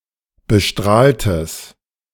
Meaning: strong/mixed nominative/accusative neuter singular of bestrahlt
- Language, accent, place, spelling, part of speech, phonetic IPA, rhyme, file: German, Germany, Berlin, bestrahltes, adjective, [bəˈʃtʁaːltəs], -aːltəs, De-bestrahltes.ogg